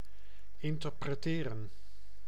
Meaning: to interpret
- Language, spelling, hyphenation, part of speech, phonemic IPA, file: Dutch, interpreteren, in‧ter‧pre‧te‧ren, verb, /ɪntərprəˈteːrə(n)/, Nl-interpreteren.ogg